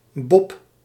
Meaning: 1. alternative form of Bob (“designated driver”) 2. bob, bobsleigh
- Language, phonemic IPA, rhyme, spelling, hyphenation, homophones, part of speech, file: Dutch, /bɔp/, -ɔp, bob, bob, Bob, noun, Nl-bob.ogg